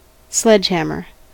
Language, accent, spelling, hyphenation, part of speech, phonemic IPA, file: English, General American, sledgehammer, sledge‧ham‧mer, noun / verb / adjective, /ˈslɛd͡ʒhæmɚ/, En-us-sledgehammer.ogg